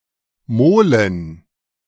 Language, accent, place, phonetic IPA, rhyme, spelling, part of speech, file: German, Germany, Berlin, [ˈmoːlən], -oːlən, Molen, noun, De-Molen.ogg
- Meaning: plural of Mole